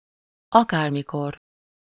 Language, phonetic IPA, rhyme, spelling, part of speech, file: Hungarian, [ˈɒkaːrmikor], -or, akármikor, adverb, Hu-akármikor.ogg
- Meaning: 1. at any time 2. whenever